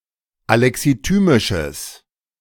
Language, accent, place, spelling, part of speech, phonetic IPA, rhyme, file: German, Germany, Berlin, alexithymisches, adjective, [alɛksiˈtyːmɪʃəs], -yːmɪʃəs, De-alexithymisches.ogg
- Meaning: strong/mixed nominative/accusative neuter singular of alexithymisch